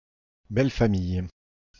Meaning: in-laws
- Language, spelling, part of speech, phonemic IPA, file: French, belle-famille, noun, /bɛl.fa.mij/, Fr-belle-famille.ogg